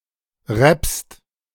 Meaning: second-person singular present of rappen
- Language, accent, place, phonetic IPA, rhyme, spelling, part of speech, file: German, Germany, Berlin, [ʁɛpst], -ɛpst, rappst, verb, De-rappst.ogg